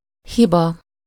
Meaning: 1. mistake, error, fault 2. fault (a bad outcome attributed to someone) 3. defect, deficiency, flaw, imperfection 4. software bug
- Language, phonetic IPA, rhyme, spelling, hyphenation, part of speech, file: Hungarian, [ˈhibɒ], -bɒ, hiba, hi‧ba, noun, Hu-hiba.ogg